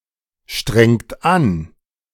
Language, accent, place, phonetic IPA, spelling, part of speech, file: German, Germany, Berlin, [ˌʃtʁɛŋt ˈan], strengt an, verb, De-strengt an.ogg
- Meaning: inflection of anstrengen: 1. second-person plural present 2. third-person singular present 3. plural imperative